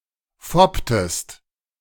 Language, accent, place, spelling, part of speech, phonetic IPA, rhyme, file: German, Germany, Berlin, fopptest, verb, [ˈfɔptəst], -ɔptəst, De-fopptest.ogg
- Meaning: inflection of foppen: 1. second-person singular preterite 2. second-person singular subjunctive II